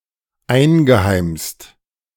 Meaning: past participle of einheimsen
- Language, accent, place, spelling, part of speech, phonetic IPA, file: German, Germany, Berlin, eingeheimst, verb, [ˈaɪ̯nɡəˌhaɪ̯mst], De-eingeheimst.ogg